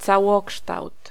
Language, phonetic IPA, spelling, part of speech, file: Polish, [t͡saˈwɔkʃtawt], całokształt, noun, Pl-całokształt.ogg